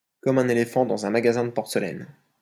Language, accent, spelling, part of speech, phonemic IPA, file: French, France, comme un éléphant dans un magasin de porcelaine, adverb, /kɔ.m‿œ̃.n‿e.le.fɑ̃ dɑ̃.z‿œ̃ ma.ɡa.zɛ̃ d(ə) pɔʁ.sə.lɛn/, LL-Q150 (fra)-comme un éléphant dans un magasin de porcelaine.wav
- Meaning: like a bull in a china shop